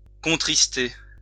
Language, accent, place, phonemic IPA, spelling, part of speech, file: French, France, Lyon, /kɔ̃.tʁis.te/, contrister, verb, LL-Q150 (fra)-contrister.wav
- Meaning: to grieve (for)